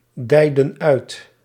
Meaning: inflection of uitdijen: 1. plural past indicative 2. plural past subjunctive
- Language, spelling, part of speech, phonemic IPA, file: Dutch, dijden uit, verb, /ˈdɛidə(n) ˈœyt/, Nl-dijden uit.ogg